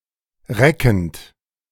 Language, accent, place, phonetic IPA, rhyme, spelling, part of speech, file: German, Germany, Berlin, [ˈʁɛkn̩t], -ɛkn̩t, reckend, verb, De-reckend.ogg
- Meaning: present participle of recken